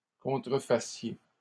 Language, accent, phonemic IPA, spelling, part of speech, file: French, Canada, /kɔ̃.tʁə.fa.sje/, contrefassiez, verb, LL-Q150 (fra)-contrefassiez.wav
- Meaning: second-person plural present subjunctive of contrefaire